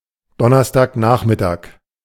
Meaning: Thursday afternoon
- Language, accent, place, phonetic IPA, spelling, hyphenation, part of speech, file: German, Germany, Berlin, [ˈdɔnɐstaːkˌnaːχmɪtaːk], Donnerstagnachmittag, Don‧ners‧tag‧nach‧mit‧tag, noun, De-Donnerstagnachmittag.ogg